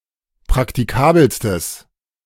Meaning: strong/mixed nominative/accusative neuter singular superlative degree of praktikabel
- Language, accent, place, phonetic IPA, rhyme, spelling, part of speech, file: German, Germany, Berlin, [pʁaktiˈkaːbl̩stəs], -aːbl̩stəs, praktikabelstes, adjective, De-praktikabelstes.ogg